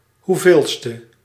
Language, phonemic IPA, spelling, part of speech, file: Dutch, /huˈvelstə/, hoeveelste, adjective, Nl-hoeveelste.ogg
- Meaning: which/how many in order, how manyth